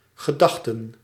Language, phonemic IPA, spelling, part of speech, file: Dutch, /ɣəˈdɑxtə(n)/, gedachten, noun / verb, Nl-gedachten.ogg
- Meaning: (noun) plural of gedachte; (verb) inflection of gedenken: 1. plural past indicative 2. plural past subjunctive